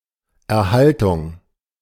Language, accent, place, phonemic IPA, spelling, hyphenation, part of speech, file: German, Germany, Berlin, /ɛɐ̯ˈhaltʊŋ/, Erhaltung, Er‧hal‧tung, noun, De-Erhaltung.ogg
- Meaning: maintenance, preservation